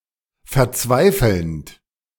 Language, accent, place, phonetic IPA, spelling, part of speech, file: German, Germany, Berlin, [fɛɐ̯ˈt͡svaɪ̯fl̩nt], verzweifelnd, verb, De-verzweifelnd.ogg
- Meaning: present participle of verzweifeln